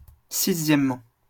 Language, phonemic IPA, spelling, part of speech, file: French, /si.zjɛm.mɑ̃/, sixièmement, adverb, LL-Q150 (fra)-sixièmement.wav
- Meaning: sixthly